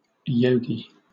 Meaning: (noun) A devotee or adherent of yoga; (verb) To turn (someone) into a yogi; to lead into practicing yoga
- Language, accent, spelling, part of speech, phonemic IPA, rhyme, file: English, Southern England, yogi, noun / verb, /ˈjəʊɡi/, -əʊɡi, LL-Q1860 (eng)-yogi.wav